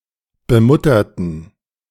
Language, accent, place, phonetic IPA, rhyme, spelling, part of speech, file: German, Germany, Berlin, [bəˈmʊtɐtn̩], -ʊtɐtn̩, bemutterten, adjective / verb, De-bemutterten.ogg
- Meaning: inflection of bemuttern: 1. first/third-person plural preterite 2. first/third-person plural subjunctive II